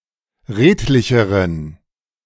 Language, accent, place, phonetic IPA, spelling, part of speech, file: German, Germany, Berlin, [ˈʁeːtlɪçəʁən], redlicheren, adjective, De-redlicheren.ogg
- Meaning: inflection of redlich: 1. strong genitive masculine/neuter singular comparative degree 2. weak/mixed genitive/dative all-gender singular comparative degree